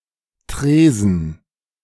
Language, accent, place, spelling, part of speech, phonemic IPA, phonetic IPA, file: German, Germany, Berlin, Tresen, noun, /ˈtreːzən/, [ˈtʁeː.zn̩], De-Tresen.ogg
- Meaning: counter, bar